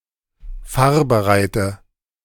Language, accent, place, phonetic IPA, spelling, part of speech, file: German, Germany, Berlin, [ˈfaːɐ̯bəˌʁaɪ̯tə], fahrbereite, adjective, De-fahrbereite.ogg
- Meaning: inflection of fahrbereit: 1. strong/mixed nominative/accusative feminine singular 2. strong nominative/accusative plural 3. weak nominative all-gender singular